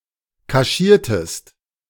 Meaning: inflection of kaschieren: 1. second-person singular preterite 2. second-person singular subjunctive II
- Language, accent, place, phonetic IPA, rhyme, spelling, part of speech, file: German, Germany, Berlin, [kaˈʃiːɐ̯təst], -iːɐ̯təst, kaschiertest, verb, De-kaschiertest.ogg